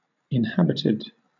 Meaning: 1. Having inhabitants; lived in 2. Containing at least one element 3. Having a term 4. Obsolete form of uninhabited
- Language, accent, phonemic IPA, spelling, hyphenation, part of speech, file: English, Southern England, /ɪnˈhæbɪtɪd/, inhabited, in‧hab‧it‧ed, adjective, LL-Q1860 (eng)-inhabited.wav